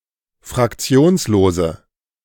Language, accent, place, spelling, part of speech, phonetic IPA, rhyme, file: German, Germany, Berlin, fraktionslose, adjective, [fʁakˈt͡si̯oːnsloːzə], -oːnsloːzə, De-fraktionslose.ogg
- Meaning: inflection of fraktionslos: 1. strong/mixed nominative/accusative feminine singular 2. strong nominative/accusative plural 3. weak nominative all-gender singular